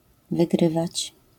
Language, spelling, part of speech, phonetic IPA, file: Polish, wygrywać, verb, [vɨˈɡrɨvat͡ɕ], LL-Q809 (pol)-wygrywać.wav